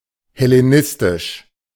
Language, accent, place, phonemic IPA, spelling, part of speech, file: German, Germany, Berlin, /hɛleˈnɪstɪʃ/, hellenistisch, adjective, De-hellenistisch.ogg
- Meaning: Hellenistic